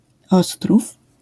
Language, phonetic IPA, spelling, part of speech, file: Polish, [ˈɔstruf], ostrów, noun, LL-Q809 (pol)-ostrów.wav